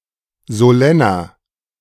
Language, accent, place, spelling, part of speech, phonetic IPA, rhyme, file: German, Germany, Berlin, solenner, adjective, [zoˈlɛnɐ], -ɛnɐ, De-solenner.ogg
- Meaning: 1. comparative degree of solenn 2. inflection of solenn: strong/mixed nominative masculine singular 3. inflection of solenn: strong genitive/dative feminine singular